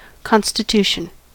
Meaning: The act, or process of setting something up, or establishing something; the composition or structure of such a thing; its makeup
- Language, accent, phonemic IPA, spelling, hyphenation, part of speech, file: English, General American, /ˌkɑn.stɪˈtu.ʃ(ə)n/, constitution, con‧sti‧tu‧tion, noun, En-us-constitution.ogg